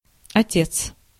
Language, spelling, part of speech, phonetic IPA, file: Russian, отец, noun, [ɐˈtʲet͡s], Ru-отец.ogg
- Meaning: 1. father 2. ancestor 3. senior, superior, first of, chief, sensei 4. familiar term of address for an elderly man 5. referring to a man who cares about somebody or something like a father